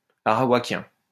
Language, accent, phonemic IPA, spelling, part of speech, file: French, France, /a.ʁa.wa.kjɛ̃/, arawakien, adjective, LL-Q150 (fra)-arawakien.wav
- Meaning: Arawak